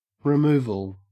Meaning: 1. The process of removing or the fact of being removed 2. The relocation of a business etc 3. The dismissal of someone from office
- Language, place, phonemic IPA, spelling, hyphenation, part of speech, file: English, Queensland, /ɹɪˈmʉː.vəl/, removal, re‧mov‧al, noun, En-au-removal.ogg